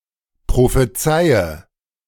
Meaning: inflection of prophezeien: 1. first-person singular present 2. singular imperative 3. first/third-person singular subjunctive I
- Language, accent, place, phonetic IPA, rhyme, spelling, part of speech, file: German, Germany, Berlin, [pʁofeˈt͡saɪ̯ə], -aɪ̯ə, prophezeie, verb, De-prophezeie.ogg